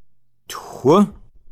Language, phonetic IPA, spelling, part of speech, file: Kabardian, [txʷə], тху, numeral, Kbd-txho.oga
- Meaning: five